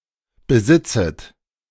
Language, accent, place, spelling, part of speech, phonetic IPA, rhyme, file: German, Germany, Berlin, besitzet, verb, [bəˈzɪt͡sət], -ɪt͡sət, De-besitzet.ogg
- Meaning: second-person plural subjunctive I of besitzen